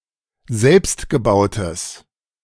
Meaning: strong/mixed nominative/accusative neuter singular of selbstgebaut
- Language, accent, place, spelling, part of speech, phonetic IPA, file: German, Germany, Berlin, selbstgebautes, adjective, [ˈzɛlpstɡəˌbaʊ̯təs], De-selbstgebautes.ogg